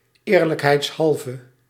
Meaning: 1. for the sake of honesty 2. to be honest, in fairness
- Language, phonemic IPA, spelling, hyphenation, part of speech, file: Dutch, /ˈeːr.lək.ɦɛi̯tsˌɦɑl.və/, eerlijkheidshalve, eer‧lijk‧heids‧hal‧ve, adverb, Nl-eerlijkheidshalve.ogg